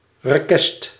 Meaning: request
- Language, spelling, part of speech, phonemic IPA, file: Dutch, rekest, noun, /rəˈkɛst/, Nl-rekest.ogg